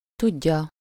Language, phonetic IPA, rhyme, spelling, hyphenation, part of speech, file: Hungarian, [ˈtuɟːɒ], -ɟɒ, tudja, tud‧ja, verb, Hu-tudja.ogg
- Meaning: 1. third-person singular indicative present definite of tud 2. third-person singular subjunctive present definite of tud